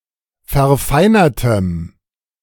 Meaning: strong dative masculine/neuter singular of verfeinert
- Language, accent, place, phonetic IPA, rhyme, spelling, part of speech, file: German, Germany, Berlin, [fɛɐ̯ˈfaɪ̯nɐtəm], -aɪ̯nɐtəm, verfeinertem, adjective, De-verfeinertem.ogg